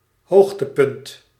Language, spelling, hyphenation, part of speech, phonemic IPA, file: Dutch, hoogtepunt, hoog‧te‧punt, noun, /ˈɦoːx.təˌpʏnt/, Nl-hoogtepunt.ogg
- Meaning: 1. high point, acme, climax; zenith 2. altitude (the distance measured perpendicularly from a figure's vertex to the opposite side of the vertex)